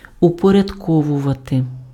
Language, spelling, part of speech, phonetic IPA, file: Ukrainian, упорядковувати, verb, [ʊpɔrʲɐdˈkɔwʊʋɐte], Uk-упорядковувати.ogg
- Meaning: to put in order, to arrange